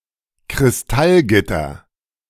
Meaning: crystal lattice
- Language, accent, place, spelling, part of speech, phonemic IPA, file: German, Germany, Berlin, Kristallgitter, noun, /kʁɪsˈtalˌɡɪtɐ/, De-Kristallgitter.ogg